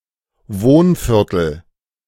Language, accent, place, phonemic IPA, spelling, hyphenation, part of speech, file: German, Germany, Berlin, /ˈvoːnˌfɪʁtəl/, Wohnviertel, Wohn‧vier‧tel, noun, De-Wohnviertel.ogg
- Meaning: residential area, residential district, residential neighborhood